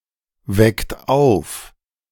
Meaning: inflection of aufwecken: 1. third-person singular present 2. second-person plural present 3. plural imperative
- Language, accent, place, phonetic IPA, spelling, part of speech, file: German, Germany, Berlin, [ˌvɛkt ˈaʊ̯f], weckt auf, verb, De-weckt auf.ogg